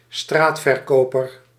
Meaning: a street vendor (outdoor vendor)
- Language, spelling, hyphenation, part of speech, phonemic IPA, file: Dutch, straatverkoper, straat‧ver‧ko‧per, noun, /ˈstraːt.fərˌkoː.pər/, Nl-straatverkoper.ogg